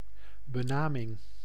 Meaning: denomination, appellation
- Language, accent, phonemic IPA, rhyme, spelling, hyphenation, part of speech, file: Dutch, Netherlands, /bəˈnaː.mɪŋ/, -aːmɪŋ, benaming, be‧na‧ming, noun, Nl-benaming.ogg